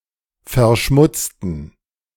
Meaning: inflection of verschmutzen: 1. first/third-person plural preterite 2. first/third-person plural subjunctive II
- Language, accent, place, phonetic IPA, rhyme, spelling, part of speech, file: German, Germany, Berlin, [fɛɐ̯ˈʃmʊt͡stn̩], -ʊt͡stn̩, verschmutzten, adjective / verb, De-verschmutzten.ogg